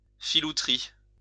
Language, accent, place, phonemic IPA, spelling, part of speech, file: French, France, Lyon, /fi.lu.tʁi/, filouterie, noun, LL-Q150 (fra)-filouterie.wav
- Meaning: 1. knavery 2. fraud